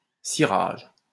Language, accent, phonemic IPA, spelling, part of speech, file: French, France, /si.ʁaʒ/, cirage, noun, LL-Q150 (fra)-cirage.wav
- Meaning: 1. polish (product used to make things shiny) 2. waxing, polishing, wax, polish (act of waxing or polishing) 3. stupor, confusion